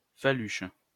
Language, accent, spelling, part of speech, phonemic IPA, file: French, France, faluche, noun, /fa.lyʃ/, LL-Q150 (fra)-faluche.wav
- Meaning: 1. faluche 2. a type of dense white bread from northern France